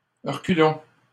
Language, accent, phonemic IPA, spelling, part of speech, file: French, Canada, /ʁə.ky.lɔ̃/, reculons, verb, LL-Q150 (fra)-reculons.wav
- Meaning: inflection of reculer: 1. first-person plural present indicative 2. first-person plural imperative